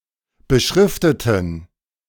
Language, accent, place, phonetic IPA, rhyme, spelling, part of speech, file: German, Germany, Berlin, [bəˈʃʁɪftətn̩], -ɪftətn̩, beschrifteten, adjective / verb, De-beschrifteten.ogg
- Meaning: inflection of beschriften: 1. first/third-person plural preterite 2. first/third-person plural subjunctive II